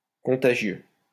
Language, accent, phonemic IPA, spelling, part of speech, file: French, France, /kɔ̃.ta.ʒjø/, contagieux, adjective, LL-Q150 (fra)-contagieux.wav
- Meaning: contagious (that can be transmitted to others; easily transmitted to others)